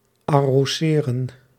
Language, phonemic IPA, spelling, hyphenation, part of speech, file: Dutch, /ɑroːˈzeːrə(n)/, arroseren, ar‧ro‧se‧ren, verb, Nl-arroseren.ogg
- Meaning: 1. to baste (meat), sprinkle (e.g. a cake with icing sugar) 2. to water, irrigate, sprinkle